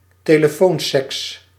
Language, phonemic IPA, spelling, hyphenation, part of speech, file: Dutch, /teːləˈfoːnˌsɛks/, telefoonseks, te‧le‧foon‧seks, noun, Nl-telefoonseks.ogg
- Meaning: phone sex